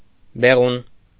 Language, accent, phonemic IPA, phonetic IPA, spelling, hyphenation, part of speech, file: Armenian, Eastern Armenian, /beˈʁun/, [beʁún], բեղուն, բե‧ղուն, adjective, Hy-բեղուն.ogg
- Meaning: fertile